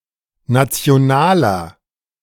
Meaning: inflection of national: 1. strong/mixed nominative masculine singular 2. strong genitive/dative feminine singular 3. strong genitive plural
- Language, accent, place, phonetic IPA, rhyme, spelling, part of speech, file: German, Germany, Berlin, [ˌnat͡si̯oˈnaːlɐ], -aːlɐ, nationaler, adjective, De-nationaler.ogg